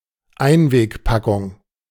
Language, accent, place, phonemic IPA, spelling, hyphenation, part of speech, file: German, Germany, Berlin, /ˈaɪ̯nveːkˌpakʊŋ/, Einwegpackung, Ein‧weg‧pa‧ckung, noun, De-Einwegpackung.ogg
- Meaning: disposable (food) container